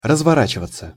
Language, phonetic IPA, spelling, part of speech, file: Russian, [rəzvɐˈrat͡ɕɪvət͡sə], разворачиваться, verb, Ru-разворачиваться.ogg
- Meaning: 1. to turn around, to swing about / around; to make a U-turn (vehicle); to slew (about) 2. to be deployed (of troops) = развёртываться (razvjórtyvatʹsja)